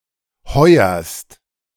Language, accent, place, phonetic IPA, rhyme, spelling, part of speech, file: German, Germany, Berlin, [ˈhɔɪ̯ɐst], -ɔɪ̯ɐst, heuerst, verb, De-heuerst.ogg
- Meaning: second-person singular present of heuern